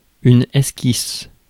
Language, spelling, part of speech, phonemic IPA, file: French, esquisse, noun / verb, /ɛs.kis/, Fr-esquisse.ogg
- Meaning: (noun) 1. sketch (quick freehand drawing) 2. sketch (brief description); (verb) inflection of esquisser: first/third-person singular present indicative/subjunctive